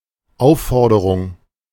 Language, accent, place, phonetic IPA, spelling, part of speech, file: German, Germany, Berlin, [ˈaʊ̯fˌfɔʁdəʁʊŋ], Aufforderung, noun, De-Aufforderung.ogg
- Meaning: 1. demand 2. request